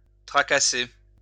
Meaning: 1. to bother, to annoy, to worry 2. to fret, to fuss
- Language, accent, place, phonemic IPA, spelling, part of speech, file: French, France, Lyon, /tʁa.ka.se/, tracasser, verb, LL-Q150 (fra)-tracasser.wav